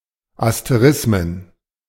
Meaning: plural of Asterismus
- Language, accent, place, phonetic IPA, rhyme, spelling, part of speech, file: German, Germany, Berlin, [asteˈʁɪsmən], -ɪsmən, Asterismen, noun, De-Asterismen.ogg